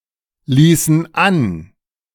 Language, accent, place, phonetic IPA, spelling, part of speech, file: German, Germany, Berlin, [ˌliːsn̩ ˈan], ließen an, verb, De-ließen an.ogg
- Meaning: inflection of anlassen: 1. first/third-person plural preterite 2. first/third-person plural subjunctive II